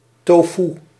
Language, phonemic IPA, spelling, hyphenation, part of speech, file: Dutch, /ˈtoː.fu/, tofoe, to‧foe, noun, Nl-tofoe.ogg
- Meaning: tofu